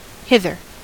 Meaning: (adverb) 1. To this place, to here 2. over here; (adjective) On this side; the nearer; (verb) only used in the phrase hither and thither
- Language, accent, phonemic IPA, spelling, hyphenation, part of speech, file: English, General American, /ˈhɪðɚ/, hither, hi‧ther, adverb / adjective / verb, En-us-hither.ogg